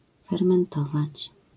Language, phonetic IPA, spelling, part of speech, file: Polish, [ˌfɛrmɛ̃nˈtɔvat͡ɕ], fermentować, verb, LL-Q809 (pol)-fermentować.wav